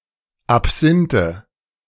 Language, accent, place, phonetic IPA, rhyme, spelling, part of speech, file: German, Germany, Berlin, [apˈz̥ɪntə], -ɪntə, Absinthe, noun, De-Absinthe.ogg
- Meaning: nominative/accusative/genitive plural of Absinth